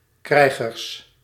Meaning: plural of krijger
- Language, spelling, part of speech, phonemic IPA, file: Dutch, krijgers, noun, /ˈkrɛiɣərs/, Nl-krijgers.ogg